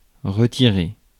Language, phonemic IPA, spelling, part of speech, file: French, /ʁə.ti.ʁe/, retirer, verb, Fr-retirer.ogg
- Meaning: 1. to take off; to remove (e.g. clothes); to pull out 2. to withdraw; to get out; to take out (money) 3. to retire 4. to remove, to pull out